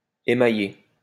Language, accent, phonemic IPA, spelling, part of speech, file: French, France, /e.ma.je/, émaillé, verb, LL-Q150 (fra)-émaillé.wav
- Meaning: past participle of émailler